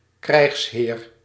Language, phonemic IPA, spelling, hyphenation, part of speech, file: Dutch, /krɛi̯xsˈɦeːr/, krijgsheer, krijgs‧heer, noun, Nl-krijgsheer.ogg
- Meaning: warlord (high military officer in a warlike nation)